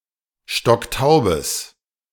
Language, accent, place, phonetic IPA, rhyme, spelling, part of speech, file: German, Germany, Berlin, [ˈʃtɔkˈtaʊ̯bəs], -aʊ̯bəs, stocktaubes, adjective, De-stocktaubes.ogg
- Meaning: strong/mixed nominative/accusative neuter singular of stocktaub